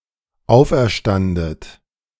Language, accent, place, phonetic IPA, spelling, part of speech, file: German, Germany, Berlin, [ˈaʊ̯fʔɛɐ̯ˌʃtandət], auferstandet, verb, De-auferstandet.ogg
- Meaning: second-person plural dependent preterite of auferstehen